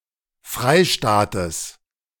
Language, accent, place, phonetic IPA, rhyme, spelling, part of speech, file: German, Germany, Berlin, [ˈfʁaɪ̯ˌʃtaːtəs], -aɪ̯ʃtaːtəs, Freistaates, noun, De-Freistaates.ogg
- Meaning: genitive singular of Freistaat